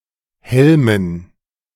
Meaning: dative plural of Helm
- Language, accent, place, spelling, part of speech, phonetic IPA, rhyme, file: German, Germany, Berlin, Helmen, noun, [ˈhɛlmən], -ɛlmən, De-Helmen.ogg